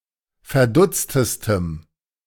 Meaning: strong dative masculine/neuter singular superlative degree of verdutzt
- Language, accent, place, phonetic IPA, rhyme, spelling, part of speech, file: German, Germany, Berlin, [fɛɐ̯ˈdʊt͡stəstəm], -ʊt͡stəstəm, verdutztestem, adjective, De-verdutztestem.ogg